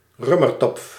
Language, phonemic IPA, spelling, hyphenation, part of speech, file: Dutch, /ˈrøːmərtɔpf/, römertopf, rö‧mer‧topf, noun, Nl-römertopf.ogg
- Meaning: Römertopf